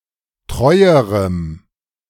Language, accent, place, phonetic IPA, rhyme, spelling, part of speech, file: German, Germany, Berlin, [ˈtʁɔɪ̯əʁəm], -ɔɪ̯əʁəm, treuerem, adjective, De-treuerem.ogg
- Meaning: strong dative masculine/neuter singular comparative degree of treu